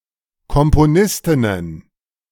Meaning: plural of Komponistin
- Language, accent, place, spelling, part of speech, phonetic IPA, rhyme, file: German, Germany, Berlin, Komponistinnen, noun, [ˌkɔmpoˈnɪstɪnən], -ɪstɪnən, De-Komponistinnen.ogg